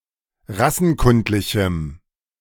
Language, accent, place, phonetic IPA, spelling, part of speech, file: German, Germany, Berlin, [ˈʁasn̩ˌkʊntlɪçm̩], rassenkundlichem, adjective, De-rassenkundlichem.ogg
- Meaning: strong dative masculine/neuter singular of rassenkundlich